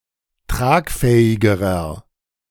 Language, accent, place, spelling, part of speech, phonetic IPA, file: German, Germany, Berlin, tragfähigerer, adjective, [ˈtʁaːkˌfɛːɪɡəʁɐ], De-tragfähigerer.ogg
- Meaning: inflection of tragfähig: 1. strong/mixed nominative masculine singular comparative degree 2. strong genitive/dative feminine singular comparative degree 3. strong genitive plural comparative degree